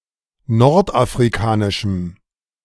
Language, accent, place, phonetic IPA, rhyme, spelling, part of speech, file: German, Germany, Berlin, [ˌnɔʁtʔafʁiˈkaːnɪʃm̩], -aːnɪʃm̩, nordafrikanischem, adjective, De-nordafrikanischem.ogg
- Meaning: strong dative masculine/neuter singular of nordafrikanisch